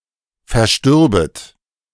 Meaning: second-person plural subjunctive II of versterben
- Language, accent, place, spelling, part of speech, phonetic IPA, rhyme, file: German, Germany, Berlin, verstürbet, verb, [fɛɐ̯ˈʃtʏʁbət], -ʏʁbət, De-verstürbet.ogg